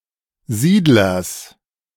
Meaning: genitive singular of Siedler
- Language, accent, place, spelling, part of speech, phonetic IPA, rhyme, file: German, Germany, Berlin, Siedlers, noun, [ˈziːdlɐs], -iːdlɐs, De-Siedlers.ogg